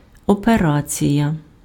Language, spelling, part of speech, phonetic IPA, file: Ukrainian, операція, noun, [ɔpeˈrat͡sʲijɐ], Uk-операція.ogg
- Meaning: operation